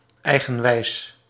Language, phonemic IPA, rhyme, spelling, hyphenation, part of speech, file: Dutch, /ˌɛi̯ɣə(n)ˈʋɛi̯s/, -ɛi̯s, eigenwijs, ei‧gen‧wijs, adjective, Nl-eigenwijs.ogg
- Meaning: 1. stubborn, headstrong 2. strong-willed, strong-minded